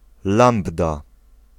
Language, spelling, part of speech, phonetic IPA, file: Polish, lambda, noun, [ˈlãmbda], Pl-lambda.ogg